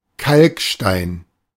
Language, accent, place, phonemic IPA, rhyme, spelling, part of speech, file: German, Germany, Berlin, /ˈkalkˌʃtaɪ̯n/, -aɪ̯n, Kalkstein, noun, De-Kalkstein.ogg
- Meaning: limestone